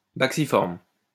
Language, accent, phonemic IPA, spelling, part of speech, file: French, France, /bak.si.fɔʁm/, bacciformes, adjective, LL-Q150 (fra)-bacciformes.wav
- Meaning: plural of bacciforme